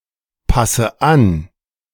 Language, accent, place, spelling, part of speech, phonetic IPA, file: German, Germany, Berlin, passe an, verb, [ˌpasə ˈan], De-passe an.ogg
- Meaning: inflection of anpassen: 1. first-person singular present 2. first/third-person singular subjunctive I 3. singular imperative